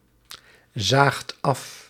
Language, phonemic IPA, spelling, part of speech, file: Dutch, /ˈzaxt ˈɑf/, zaagt af, verb, Nl-zaagt af.ogg
- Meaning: second-person (gij) singular past indicative of afzien